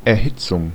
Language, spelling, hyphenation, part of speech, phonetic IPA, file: German, Erhitzung, Er‧hit‧zung, noun, [ɛɐ̯ˈhɪt͡sʊŋ], De-Erhitzung.ogg
- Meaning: 1. heating (up) 2. excitement, inflammation 3. calefaction